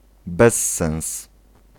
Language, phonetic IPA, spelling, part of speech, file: Polish, [ˈbɛsːɛ̃w̃s], bezsens, noun, Pl-bezsens.ogg